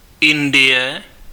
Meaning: India (a country in South Asia)
- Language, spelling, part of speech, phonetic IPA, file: Czech, Indie, proper noun, [ˈɪndɪjɛ], Cs-Indie.ogg